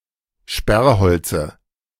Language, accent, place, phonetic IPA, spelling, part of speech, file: German, Germany, Berlin, [ˈʃpɛʁˌhɔlt͡sə], Sperrholze, noun, De-Sperrholze.ogg
- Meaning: dative of Sperrholz